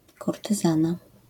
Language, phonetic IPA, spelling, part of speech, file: Polish, [ˌkurtɨˈzãna], kurtyzana, noun, LL-Q809 (pol)-kurtyzana.wav